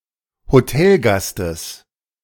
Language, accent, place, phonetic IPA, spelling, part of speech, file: German, Germany, Berlin, [hoˈtɛlˌɡastəs], Hotelgastes, noun, De-Hotelgastes.ogg
- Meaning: genitive of Hotelgast